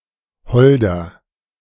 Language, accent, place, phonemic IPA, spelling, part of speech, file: German, Germany, Berlin, /ˈhɔldər/, Holder, noun, De-Holder.ogg
- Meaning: archaic form of Holunder